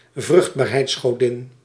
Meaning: fertility goddess
- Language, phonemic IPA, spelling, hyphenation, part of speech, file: Dutch, /ˈvrʏxt.baːr.ɦɛi̯ts.xoːˌdɪn/, vruchtbaarheidsgodin, vrucht‧baar‧heids‧go‧din, noun, Nl-vruchtbaarheidsgodin.ogg